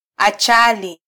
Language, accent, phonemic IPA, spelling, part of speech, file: Swahili, Kenya, /ɑˈtʃɑ.li/, achali, noun, Sw-ke-achali.flac
- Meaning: 1. achar, spicy pickle or chutney 2. dried spicy mango